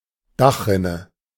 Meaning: gutter; eavestrough (channel on the edge of a roof)
- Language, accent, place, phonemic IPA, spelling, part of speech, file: German, Germany, Berlin, /ˈdaxˌʁɪnə/, Dachrinne, noun, De-Dachrinne.ogg